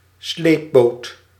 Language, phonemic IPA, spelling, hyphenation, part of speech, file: Dutch, /ˈsleːp.boːt/, sleepboot, sleep‧boot, noun, Nl-sleepboot.ogg
- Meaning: tugboat